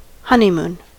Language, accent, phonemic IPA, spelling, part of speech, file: English, US, /ˈhʌn.iˌmuːn/, honeymoon, noun / verb, En-us-honeymoon.ogg
- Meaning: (noun) 1. The period of time immediately following a marriage 2. A trip taken by a newly married couple during this period